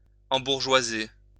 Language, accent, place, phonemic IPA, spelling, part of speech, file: French, France, Lyon, /ɑ̃.buʁ.ʒwa.ze/, embourgeoiser, verb, LL-Q150 (fra)-embourgeoiser.wav
- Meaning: 1. to become bourgeois 2. to gentrify